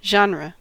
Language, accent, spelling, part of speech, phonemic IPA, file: English, US, genre, noun / verb, /ˈ(d)ʒɑnɹə/, En-us-genre.ogg
- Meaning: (noun) A kind; a stylistic category or sort, especially of literature or other artworks; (verb) To assign or conform to a genre, to make genre-specific